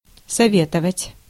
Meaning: to advise, to counsel, to recommend
- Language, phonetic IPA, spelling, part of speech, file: Russian, [sɐˈvʲetəvətʲ], советовать, verb, Ru-советовать.ogg